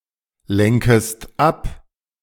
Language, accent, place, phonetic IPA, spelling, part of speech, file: German, Germany, Berlin, [ˌlɛŋkəst ˈap], lenkest ab, verb, De-lenkest ab.ogg
- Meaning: second-person singular subjunctive I of ablenken